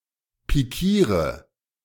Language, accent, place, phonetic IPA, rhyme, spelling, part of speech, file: German, Germany, Berlin, [piˈkiːʁə], -iːʁə, pikiere, verb, De-pikiere.ogg
- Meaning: inflection of pikieren: 1. first-person singular present 2. singular imperative 3. first/third-person singular subjunctive I